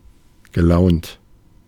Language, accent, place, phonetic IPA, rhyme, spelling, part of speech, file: German, Germany, Berlin, [ɡəˈlaʊ̯nt], -aʊ̯nt, gelaunt, adjective, De-gelaunt.ogg
- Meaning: in a certain mood (specified by adverbs ranging from good to bad)